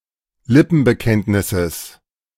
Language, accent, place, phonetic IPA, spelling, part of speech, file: German, Germany, Berlin, [ˈlɪpn̩bəˌkɛntnɪsəs], Lippenbekenntnisses, noun, De-Lippenbekenntnisses.ogg
- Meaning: genitive singular of Lippenbekenntnis